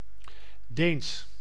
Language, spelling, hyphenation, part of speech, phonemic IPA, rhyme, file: Dutch, Deens, Deens, adjective / proper noun, /deːns/, -eːns, Nl-Deens.ogg
- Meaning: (adjective) Danish (pertaining to Denmark or Danes); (proper noun) the Danish language